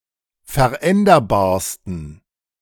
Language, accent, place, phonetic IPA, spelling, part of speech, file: German, Germany, Berlin, [fɛɐ̯ˈʔɛndɐbaːɐ̯stn̩], veränderbarsten, adjective, De-veränderbarsten.ogg
- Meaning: 1. superlative degree of veränderbar 2. inflection of veränderbar: strong genitive masculine/neuter singular superlative degree